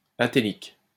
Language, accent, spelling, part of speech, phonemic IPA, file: French, France, atélique, adjective, /a.te.lik/, LL-Q150 (fra)-atélique.wav
- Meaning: atelic